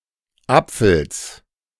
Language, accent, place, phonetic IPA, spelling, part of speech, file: German, Germany, Berlin, [ˈap͡fl̩s], Apfels, noun, De-Apfels.ogg
- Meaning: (noun) genitive singular of Apfel; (proper noun) plural of Apfel